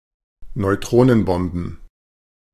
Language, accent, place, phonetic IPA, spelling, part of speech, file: German, Germany, Berlin, [nɔɪ̯ˈtʁoːnənˌbɔmbn̩], Neutronenbomben, noun, De-Neutronenbomben.ogg
- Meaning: plural of Neutronenbombe